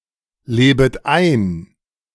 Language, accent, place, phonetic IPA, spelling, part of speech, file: German, Germany, Berlin, [ˌleːbət ˈaɪ̯n], lebet ein, verb, De-lebet ein.ogg
- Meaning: second-person plural subjunctive I of einleben